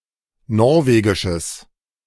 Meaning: strong/mixed nominative/accusative neuter singular of norwegisch
- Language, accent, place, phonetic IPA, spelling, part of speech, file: German, Germany, Berlin, [ˈnɔʁveːɡɪʃəs], norwegisches, adjective, De-norwegisches.ogg